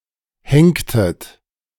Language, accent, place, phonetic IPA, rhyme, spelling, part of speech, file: German, Germany, Berlin, [ˈhɛŋktət], -ɛŋktət, henktet, verb, De-henktet.ogg
- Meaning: inflection of henken: 1. second-person plural preterite 2. second-person plural subjunctive II